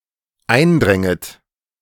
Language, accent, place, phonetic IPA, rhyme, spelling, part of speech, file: German, Germany, Berlin, [ˈaɪ̯nˌdʁɛŋət], -aɪ̯ndʁɛŋət, eindränget, verb, De-eindränget.ogg
- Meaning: second-person plural dependent subjunctive II of eindringen